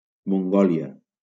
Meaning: Mongolia (a country in East Asia)
- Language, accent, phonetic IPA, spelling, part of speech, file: Catalan, Valencia, [moŋˈɡɔ.li.a], Mongòlia, proper noun, LL-Q7026 (cat)-Mongòlia.wav